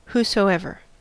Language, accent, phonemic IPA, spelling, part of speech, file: English, US, /huːsoʊˈɛvɚ/, whosoever, pronoun, En-us-whosoever.ogg
- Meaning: Whatever person or persons: emphasised or elaborated form of whoever